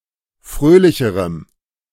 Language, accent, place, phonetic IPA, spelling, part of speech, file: German, Germany, Berlin, [ˈfʁøːlɪçəʁəm], fröhlicherem, adjective, De-fröhlicherem.ogg
- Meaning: strong dative masculine/neuter singular comparative degree of fröhlich